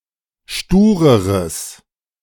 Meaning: strong/mixed nominative/accusative neuter singular comparative degree of stur
- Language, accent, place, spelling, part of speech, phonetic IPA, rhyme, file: German, Germany, Berlin, stureres, adjective, [ˈʃtuːʁəʁəs], -uːʁəʁəs, De-stureres.ogg